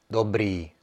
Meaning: 1. good 2. the third best mark in the 5-grade scale at Czech schools
- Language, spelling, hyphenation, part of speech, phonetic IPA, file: Czech, dobrý, dob‧rý, adjective, [ˈdobriː], Cs-dobrý.ogg